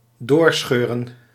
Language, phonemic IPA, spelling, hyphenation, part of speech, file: Dutch, /ˈdoːrˌsxøː.rə(n)/, doorscheuren, door‧scheu‧ren, verb, Nl-doorscheuren.ogg
- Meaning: 1. to tear apart, to completely separate by tearing 2. to continue driving at breakneck speed